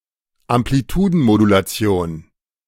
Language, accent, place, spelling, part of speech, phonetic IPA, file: German, Germany, Berlin, Amplitudenmodulation, noun, [ampliˈtuːdn̩modulaˌt͡si̯oːn], De-Amplitudenmodulation.ogg
- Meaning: amplitude modulation